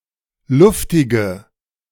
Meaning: inflection of luftig: 1. strong/mixed nominative/accusative feminine singular 2. strong nominative/accusative plural 3. weak nominative all-gender singular 4. weak accusative feminine/neuter singular
- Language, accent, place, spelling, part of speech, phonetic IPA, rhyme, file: German, Germany, Berlin, luftige, adjective, [ˈlʊftɪɡə], -ʊftɪɡə, De-luftige.ogg